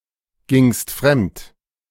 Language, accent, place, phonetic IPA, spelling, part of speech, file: German, Germany, Berlin, [ˌɡɪŋst ˈfʁɛmt], gingst fremd, verb, De-gingst fremd.ogg
- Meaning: second-person singular preterite of fremdgehen